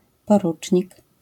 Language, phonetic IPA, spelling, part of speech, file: Polish, [pɔˈrut͡ʃʲɲik], porucznik, noun, LL-Q809 (pol)-porucznik.wav